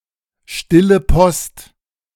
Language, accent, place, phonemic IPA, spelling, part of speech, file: German, Germany, Berlin, /ˈʃtɪlə ˈpɔst/, Stille Post, noun, De-Stille Post.ogg
- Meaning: Chinese whispers